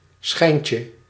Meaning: diminutive of schijn
- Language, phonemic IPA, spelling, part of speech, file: Dutch, /sχɛjncə/, schijntje, noun, Nl-schijntje.ogg